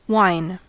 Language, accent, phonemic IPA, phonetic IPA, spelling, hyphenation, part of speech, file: English, US, /ˈwaɪ̯n/, [ˈwaɪ̯n], wine, wine, noun / verb, En-us-wine.ogg
- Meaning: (noun) 1. An alcoholic beverage made by fermenting grape juice, with an ABV ranging from 5.5–16% 2. An alcoholic beverage made by fermenting other substances, producing a similar ABV